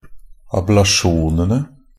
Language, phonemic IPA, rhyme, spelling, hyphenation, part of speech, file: Norwegian Bokmål, /ablaˈʃuːnənə/, -ənə, ablasjonene, ab‧la‧sjon‧en‧e, noun, NB - Pronunciation of Norwegian Bokmål «ablasjonene».ogg
- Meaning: definite plural of ablasjon